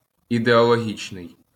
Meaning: ideological
- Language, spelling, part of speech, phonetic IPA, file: Ukrainian, ідеологічний, adjective, [ideɔɫoˈɦʲit͡ʃnei̯], LL-Q8798 (ukr)-ідеологічний.wav